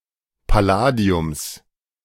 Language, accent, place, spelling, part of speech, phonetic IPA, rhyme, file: German, Germany, Berlin, Palladiums, noun, [paˈlaːdi̯ʊms], -aːdi̯ʊms, De-Palladiums.ogg
- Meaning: genitive singular of Palladium